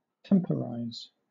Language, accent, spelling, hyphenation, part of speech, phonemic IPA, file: English, Southern England, temporize, temp‧or‧ize, verb, /ˈtɛmpəɹaɪz/, LL-Q1860 (eng)-temporize.wav